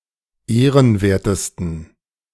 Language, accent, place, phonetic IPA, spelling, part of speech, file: German, Germany, Berlin, [ˈeːʁənˌveːɐ̯təstn̩], ehrenwertesten, adjective, De-ehrenwertesten.ogg
- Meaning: 1. superlative degree of ehrenwert 2. inflection of ehrenwert: strong genitive masculine/neuter singular superlative degree